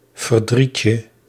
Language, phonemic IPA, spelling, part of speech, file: Dutch, /vərˈdricə/, verdrietje, noun, Nl-verdrietje.ogg
- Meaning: diminutive of verdriet